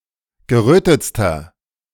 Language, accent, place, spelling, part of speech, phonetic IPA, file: German, Germany, Berlin, gerötetster, adjective, [ɡəˈʁøːtət͡stɐ], De-gerötetster.ogg
- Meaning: inflection of gerötet: 1. strong/mixed nominative masculine singular superlative degree 2. strong genitive/dative feminine singular superlative degree 3. strong genitive plural superlative degree